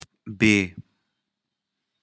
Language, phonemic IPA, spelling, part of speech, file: Pashto, /be/, بېـ, prefix, بې.ogg
- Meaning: 1. without 2. dis-, -less